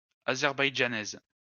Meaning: female equivalent of Azerbaïdjanais
- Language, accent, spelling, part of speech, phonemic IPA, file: French, France, Azerbaïdjanaise, noun, /a.zɛʁ.baj.dʒa.nɛz/, LL-Q150 (fra)-Azerbaïdjanaise.wav